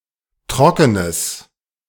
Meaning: strong/mixed nominative/accusative neuter singular of trocken
- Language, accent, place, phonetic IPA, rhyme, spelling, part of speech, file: German, Germany, Berlin, [ˈtʁɔkənəs], -ɔkənəs, trockenes, adjective, De-trockenes.ogg